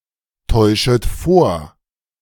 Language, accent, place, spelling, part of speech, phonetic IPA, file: German, Germany, Berlin, täuschet vor, verb, [ˌtɔɪ̯ʃət ˈfoːɐ̯], De-täuschet vor.ogg
- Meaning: second-person plural subjunctive I of vortäuschen